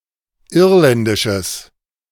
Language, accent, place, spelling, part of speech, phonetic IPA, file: German, Germany, Berlin, irländisches, adjective, [ˈɪʁlɛndɪʃəs], De-irländisches.ogg
- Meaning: strong/mixed nominative/accusative neuter singular of irländisch